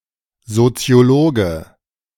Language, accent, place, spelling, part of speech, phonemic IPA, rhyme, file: German, Germany, Berlin, Soziologe, noun, /zotsɪ̯oˈloːɡə/, -oːɡə, De-Soziologe.ogg
- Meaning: sociologist (male or of unspecified gender)